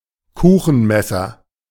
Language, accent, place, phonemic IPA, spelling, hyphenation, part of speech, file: German, Germany, Berlin, /ˈkuːxn̩ˌmɛsɐ/, Kuchenmesser, Ku‧chen‧mes‧ser, noun, De-Kuchenmesser.ogg
- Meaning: cake knife, pastry knife